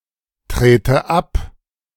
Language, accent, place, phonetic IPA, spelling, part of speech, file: German, Germany, Berlin, [ˌtʁeːtə ˈap], trete ab, verb, De-trete ab.ogg
- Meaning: inflection of abtreten: 1. first-person singular present 2. first/third-person singular subjunctive I